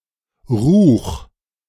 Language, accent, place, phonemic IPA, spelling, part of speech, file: German, Germany, Berlin, /ʁuːx/, Ruch, noun, De-Ruch.ogg
- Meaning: smell, odour